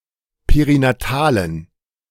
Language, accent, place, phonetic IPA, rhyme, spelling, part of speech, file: German, Germany, Berlin, [peʁinaˈtaːlən], -aːlən, perinatalen, adjective, De-perinatalen.ogg
- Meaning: inflection of perinatal: 1. strong genitive masculine/neuter singular 2. weak/mixed genitive/dative all-gender singular 3. strong/weak/mixed accusative masculine singular 4. strong dative plural